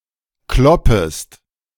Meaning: second-person singular subjunctive I of kloppen
- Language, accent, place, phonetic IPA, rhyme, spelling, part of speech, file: German, Germany, Berlin, [ˈklɔpəst], -ɔpəst, kloppest, verb, De-kloppest.ogg